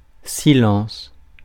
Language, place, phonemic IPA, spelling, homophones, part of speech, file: French, Paris, /si.lɑ̃s/, silence, silences, noun, Fr-silence.ogg
- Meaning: silence